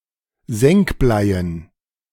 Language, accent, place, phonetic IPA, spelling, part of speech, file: German, Germany, Berlin, [ˈzɛŋkˌblaɪ̯ən], Senkbleien, noun, De-Senkbleien.ogg
- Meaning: dative plural of Senkblei